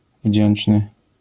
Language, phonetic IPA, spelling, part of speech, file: Polish, [ˈvʲd͡ʑɛ̃n͇t͡ʃnɨ], wdzięczny, adjective, LL-Q809 (pol)-wdzięczny.wav